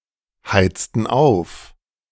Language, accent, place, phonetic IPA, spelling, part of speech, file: German, Germany, Berlin, [ˌhaɪ̯t͡stn̩ ˈaʊ̯f], heizten auf, verb, De-heizten auf.ogg
- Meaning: inflection of aufheizen: 1. first/third-person plural preterite 2. first/third-person plural subjunctive II